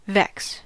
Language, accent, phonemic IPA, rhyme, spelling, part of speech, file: English, US, /vɛks/, -ɛks, vex, verb / noun, En-us-vex.ogg
- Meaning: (verb) 1. To annoy, irritate 2. To cause (mental) suffering to; to distress 3. To trouble aggressively, to harass 4. To twist, to weave 5. To be irritated; to fret